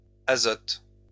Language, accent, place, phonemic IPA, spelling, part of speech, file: French, France, Lyon, /a.zɔt/, azotes, noun, LL-Q150 (fra)-azotes.wav
- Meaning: plural of azote